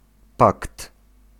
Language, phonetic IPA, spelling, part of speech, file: Polish, [pakt], pakt, noun, Pl-pakt.ogg